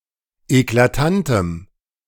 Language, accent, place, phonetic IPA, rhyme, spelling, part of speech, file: German, Germany, Berlin, [eklaˈtantəm], -antəm, eklatantem, adjective, De-eklatantem.ogg
- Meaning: strong dative masculine/neuter singular of eklatant